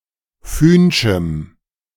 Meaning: strong dative masculine/neuter singular of fühnsch
- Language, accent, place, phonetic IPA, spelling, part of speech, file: German, Germany, Berlin, [ˈfyːnʃm̩], fühnschem, adjective, De-fühnschem.ogg